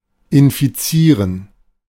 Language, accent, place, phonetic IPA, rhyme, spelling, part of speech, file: German, Germany, Berlin, [ɪnfiˈt͡siːʁən], -iːʁən, infizieren, verb, De-infizieren.ogg
- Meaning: 1. to infect (of a pathogen) 2. to infect (with a pathogen) 3. to become infected (with a pathogen)